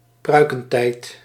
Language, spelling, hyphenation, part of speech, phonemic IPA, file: Dutch, pruikentijd, prui‧ken‧tijd, proper noun, /ˈprœy̯.kə(n)ˌtɛi̯t/, Nl-pruikentijd.ogg
- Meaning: the 18th century, the Enlightenment, particularly in reference to the Netherlands